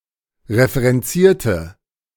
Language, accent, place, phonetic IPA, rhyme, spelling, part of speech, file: German, Germany, Berlin, [ʁefəʁɛnˈt͡siːɐ̯tə], -iːɐ̯tə, referenzierte, adjective / verb, De-referenzierte.ogg
- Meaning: inflection of referenzieren: 1. first/third-person singular preterite 2. first/third-person singular subjunctive II